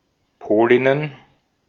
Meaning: plural of Polin
- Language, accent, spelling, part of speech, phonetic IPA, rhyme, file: German, Austria, Polinnen, noun, [ˈpoːlɪnən], -oːlɪnən, De-at-Polinnen.ogg